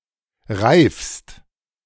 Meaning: second-person singular present of reifen
- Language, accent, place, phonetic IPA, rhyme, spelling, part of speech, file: German, Germany, Berlin, [ʁaɪ̯fst], -aɪ̯fst, reifst, verb, De-reifst.ogg